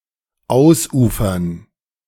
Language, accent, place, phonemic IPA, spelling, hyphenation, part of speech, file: German, Germany, Berlin, /ˈaʊ̯sˌʔuːfɐn/, ausufern, aus‧ufern, verb, De-ausufern.ogg
- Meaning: 1. to overflow, to burst its banks (of rivers etc.) 2. to get out of control, to get out of hand (in terms of volume, complexity or lack of focus; often becoming unmanageable as a result)